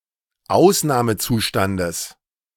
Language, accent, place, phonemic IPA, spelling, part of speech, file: German, Germany, Berlin, /ˈʔaʊ̯snaːməˌtsuːʃtandəs/, Ausnahmezustandes, noun, De-Ausnahmezustandes.ogg
- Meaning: genitive singular of Ausnahmezustand